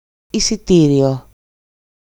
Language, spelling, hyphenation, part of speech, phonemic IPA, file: Greek, εισιτήριο, ει‧σι‧τή‧ρι‧ο, noun / adjective, /i.siˈti.ɾi.o/, EL-εισιτήριο.ogg
- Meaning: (noun) ticket for bus, train, etc, or theatre, etc; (adjective) 1. accusative masculine singular of εισιτήριος (eisitírios) 2. nominative/accusative/vocative neuter singular of εισιτήριος (eisitírios)